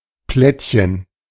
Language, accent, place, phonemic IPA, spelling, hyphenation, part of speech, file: German, Germany, Berlin, /ˈplɛtçən/, Plättchen, Plätt‧chen, noun, De-Plättchen.ogg
- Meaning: platelet